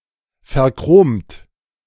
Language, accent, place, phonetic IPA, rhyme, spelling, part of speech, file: German, Germany, Berlin, [fɛɐ̯ˈkʁoːmt], -oːmt, verchromt, adjective / verb, De-verchromt.ogg
- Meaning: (verb) past participle of verchromen; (adjective) chromium-plated